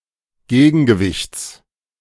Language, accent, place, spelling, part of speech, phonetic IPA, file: German, Germany, Berlin, Gegengewichts, noun, [ˈɡeːɡn̩ɡəˌvɪçt͡s], De-Gegengewichts.ogg
- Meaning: genitive singular of Gegengewicht